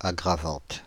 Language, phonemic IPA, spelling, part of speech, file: French, /a.ɡʁa.vɑ̃t/, aggravante, adjective, Fr-aggravante.ogg
- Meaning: feminine singular of aggravant